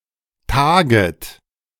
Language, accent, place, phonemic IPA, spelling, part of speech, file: German, Germany, Berlin, /ˈtaːɡət/, taget, verb, De-taget.ogg
- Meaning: second-person plural subjunctive I of tagen